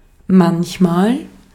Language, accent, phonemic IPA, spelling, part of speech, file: German, Austria, /ˈmançmaːl/, manchmal, adverb, De-at-manchmal.ogg
- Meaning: sometimes